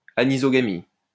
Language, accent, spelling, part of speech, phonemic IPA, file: French, France, anisogamie, noun, /a.ni.zɔ.ɡa.mi/, LL-Q150 (fra)-anisogamie.wav
- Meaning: anisogamy